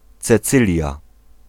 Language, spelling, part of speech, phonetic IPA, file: Polish, Cecylia, proper noun, [t͡sɛˈt͡sɨlʲja], Pl-Cecylia.ogg